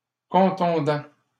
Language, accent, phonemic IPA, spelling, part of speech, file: French, Canada, /kɔ̃.tɔ̃.dɑ̃/, contondant, adjective / verb, LL-Q150 (fra)-contondant.wav
- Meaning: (adjective) blunt (of an instrument, weapon, tool); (verb) present participle of contondre